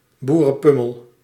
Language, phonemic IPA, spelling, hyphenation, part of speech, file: Dutch, /ˌbu.rə(n)ˈpʏ.məl/, boerenpummel, boe‧ren‧pum‧mel, noun, Nl-boerenpummel.ogg
- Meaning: a (usually male) rube, a bumpkin (unsophisticated rural man)